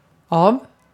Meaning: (preposition) 1. from 2. by (in construction of the passive voice) 3. of; denoting the material of which something is made 4. of; denoting a part
- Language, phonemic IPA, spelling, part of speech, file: Swedish, /ɑːv/, av, preposition / adjective / adverb, Sv-av.ogg